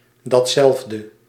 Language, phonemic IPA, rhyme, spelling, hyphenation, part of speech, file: Dutch, /ˌdɑtˈsɛlf.də/, -ɛlfdə, datzelfde, dat‧zelf‧de, determiner / pronoun, Nl-datzelfde.ogg
- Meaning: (determiner) that same, the aforementioned; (pronoun) that same [thing], the aforementioned